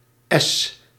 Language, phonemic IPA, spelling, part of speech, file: Dutch, /ɛs/, S, character, Nl-S.ogg
- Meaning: The nineteenth letter of the Dutch alphabet, written in the Latin script